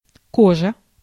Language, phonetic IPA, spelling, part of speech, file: Russian, [ˈkoʐə], кожа, noun, Ru-кожа.ogg
- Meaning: 1. skin 2. leather